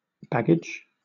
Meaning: Portable cases, large bags, and similar equipment for manually carrying, pushing, or pulling personal items while traveling
- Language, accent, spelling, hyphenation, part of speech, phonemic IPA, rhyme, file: English, Southern England, baggage, bag‧gage, noun, /ˈbæɡɪd͡ʒ/, -æɡɪdʒ, LL-Q1860 (eng)-baggage.wav